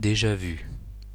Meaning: alternative form of déjà-vu
- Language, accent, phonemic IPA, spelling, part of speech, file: French, France, /de.ʒa vy/, déjà vu, noun, Fr-déjà vu.ogg